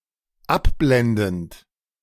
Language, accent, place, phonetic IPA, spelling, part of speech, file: German, Germany, Berlin, [ˈapˌblɛndn̩t], abblendend, verb, De-abblendend.ogg
- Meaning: present participle of abblenden